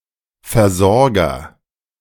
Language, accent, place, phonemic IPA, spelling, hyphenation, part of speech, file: German, Germany, Berlin, /fɛɐ̯ˈzɔrɡɐ/, Versorger, Ver‧sor‧ger, noun, De-Versorger.ogg
- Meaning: agent noun of versorgen; supplier, provider